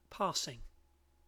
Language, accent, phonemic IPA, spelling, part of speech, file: English, UK, /ˈpɑːsɪŋ/, passing, verb / adjective / adverb / noun, En-uk-passing.ogg
- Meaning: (verb) present participle and gerund of pass; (adjective) 1. That passes away; ephemeral 2. Pre-eminent, excellent, extreme 3. Vague, cursory 4. Going past 5. That passes in any sense